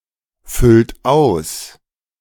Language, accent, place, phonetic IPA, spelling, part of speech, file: German, Germany, Berlin, [ˌfʏlt ˈaʊ̯s], füllt aus, verb, De-füllt aus.ogg
- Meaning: inflection of ausfüllen: 1. third-person singular present 2. second-person plural present 3. plural imperative